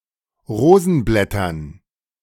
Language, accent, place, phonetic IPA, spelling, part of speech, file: German, Germany, Berlin, [ˈʁoːzn̩ˌblɛtɐn], Rosenblättern, noun, De-Rosenblättern.ogg
- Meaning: dative plural of Rosenblatt